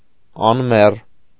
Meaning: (adjective) 1. immortal, undying 2. eternal, everlasting; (adverb) 1. immortally, undyingly 2. eternally, everlastingly
- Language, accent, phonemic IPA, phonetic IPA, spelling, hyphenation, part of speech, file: Armenian, Eastern Armenian, /ɑnˈmer/, [ɑnmér], անմեռ, ան‧մեռ, adjective / adverb, Hy-անմեռ.ogg